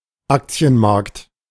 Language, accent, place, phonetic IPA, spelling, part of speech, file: German, Germany, Berlin, [ˈakt͡si̯ənˌmaʁkt], Aktienmarkt, noun, De-Aktienmarkt.ogg
- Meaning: stock market